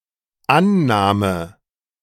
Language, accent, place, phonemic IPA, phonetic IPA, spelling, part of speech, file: German, Germany, Berlin, /ˈanˌnaːmə/, [ˈʔa(n)ˌnaː.mə], Annahme, noun, De-Annahme.ogg
- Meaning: 1. presupposition, assumption, hypothesis 2. acceptance, the act of accepting 3. receipt, reception, the act of receiving 4. the act of stopping and controlling the ball